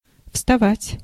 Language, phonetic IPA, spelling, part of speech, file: Russian, [fstɐˈvatʲ], вставать, verb, Ru-вставать.ogg
- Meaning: 1. to stand up, to get up, to rise 2. to rise (of the sun) 3. to arise, to come up (of a question)